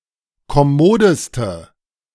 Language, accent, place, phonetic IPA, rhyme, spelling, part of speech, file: German, Germany, Berlin, [kɔˈmoːdəstə], -oːdəstə, kommodeste, adjective, De-kommodeste.ogg
- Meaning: inflection of kommod: 1. strong/mixed nominative/accusative feminine singular superlative degree 2. strong nominative/accusative plural superlative degree